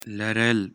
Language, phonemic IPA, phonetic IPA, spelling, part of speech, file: Pashto, /la.rəl/, [lä.rə́l], لرل, verb, لرل.ogg
- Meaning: to have